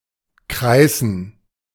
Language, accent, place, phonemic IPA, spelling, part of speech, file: German, Germany, Berlin, /ˈkʁaɪ̯sn̩/, kreißen, verb, De-kreißen.ogg
- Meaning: 1. to moan, groan in pain 2. to labour (to suffer the pangs of childbirth)